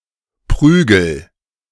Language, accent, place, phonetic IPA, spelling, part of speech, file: German, Germany, Berlin, [ˈpʁyː.ɡəl], Prügel, noun, De-Prügel.ogg
- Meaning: 1. club, cudgel 2. cock, penis 3. swats, a beating, notably as corporal punishment